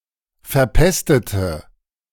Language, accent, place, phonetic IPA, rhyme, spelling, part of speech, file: German, Germany, Berlin, [fɛɐ̯ˈpɛstətə], -ɛstətə, verpestete, verb, De-verpestete.ogg
- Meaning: inflection of verpestet: 1. strong/mixed nominative/accusative feminine singular 2. strong nominative/accusative plural 3. weak nominative all-gender singular